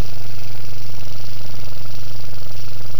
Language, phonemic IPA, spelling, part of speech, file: Czech, /r̝/, ř, character, Cs-ř.ogg
- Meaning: The twenty-eighth letter of the Czech alphabet, written in the Latin script